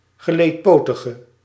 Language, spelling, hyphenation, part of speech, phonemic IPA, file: Dutch, geleedpotige, ge‧leed‧po‧ti‧ge, noun / adjective, /ɣəˌleːtˈpoː.tə.ɣə/, Nl-geleedpotige.ogg
- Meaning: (noun) arthropod, any member of the phylum Arthropoda; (adjective) inflection of geleedpotig: 1. masculine/feminine singular attributive 2. definite neuter singular attributive 3. plural attributive